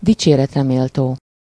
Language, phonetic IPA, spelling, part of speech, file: Hungarian, [ˈdit͡ʃeːrɛtrɛmeːltoː], dicséretre méltó, adjective, Hu-dicséretre méltó.ogg
- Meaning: praiseworthy